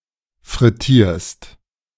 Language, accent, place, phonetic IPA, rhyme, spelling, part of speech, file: German, Germany, Berlin, [fʁɪˈtiːɐ̯st], -iːɐ̯st, frittierst, verb, De-frittierst.ogg
- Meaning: second-person singular present of frittieren